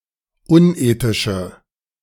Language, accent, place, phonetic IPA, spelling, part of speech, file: German, Germany, Berlin, [ˈʊnˌʔeːtɪʃə], unethische, adjective, De-unethische.ogg
- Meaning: inflection of unethisch: 1. strong/mixed nominative/accusative feminine singular 2. strong nominative/accusative plural 3. weak nominative all-gender singular